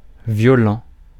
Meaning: 1. violent 2. severe
- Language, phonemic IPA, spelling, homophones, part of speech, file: French, /vjɔ.lɑ̃/, violent, violents, adjective, Fr-violent.ogg